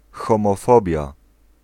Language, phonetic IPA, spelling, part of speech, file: Polish, [ˌxɔ̃mɔˈfɔbʲja], homofobia, noun, Pl-homofobia.ogg